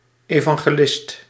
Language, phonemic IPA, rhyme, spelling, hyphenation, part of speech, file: Dutch, /ˌeː.vɑŋ.ɣeːˈlɪst/, -ɪst, evangelist, evan‧ge‧list, noun, Nl-evangelist.ogg
- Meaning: 1. an evangelist, an author of one of the gospels 2. a Christian missionary 3. a preacher in an evangelical church